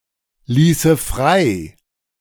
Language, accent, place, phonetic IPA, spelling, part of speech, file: German, Germany, Berlin, [ˌliːsə ˈfʁaɪ̯], ließe frei, verb, De-ließe frei.ogg
- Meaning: first/third-person singular subjunctive II of freilassen